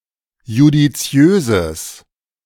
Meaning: strong/mixed nominative/accusative neuter singular of judiziös
- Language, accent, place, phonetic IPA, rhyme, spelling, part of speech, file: German, Germany, Berlin, [judiˈt͡si̯øːzəs], -øːzəs, judiziöses, adjective, De-judiziöses.ogg